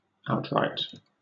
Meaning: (adjective) 1. Unqualified and unreserved 2. Total or complete 3. Having no outstanding conditions; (verb) To release a player outright, without conditions
- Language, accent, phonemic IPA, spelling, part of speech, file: English, Southern England, /ˈaʊtɹaɪt/, outright, adjective / verb, LL-Q1860 (eng)-outright.wav